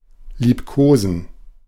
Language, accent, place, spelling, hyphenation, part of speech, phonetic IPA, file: German, Germany, Berlin, liebkosen, lieb‧ko‧sen, verb, [liːpˈkoːzn̩], De-liebkosen.ogg
- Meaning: to snuggle; cuddle